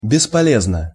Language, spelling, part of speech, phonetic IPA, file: Russian, бесполезно, adverb / adjective, [bʲɪspɐˈlʲeznə], Ru-бесполезно.ogg
- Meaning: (adverb) uselessly; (adjective) short neuter singular of бесполе́зный (bespoléznyj)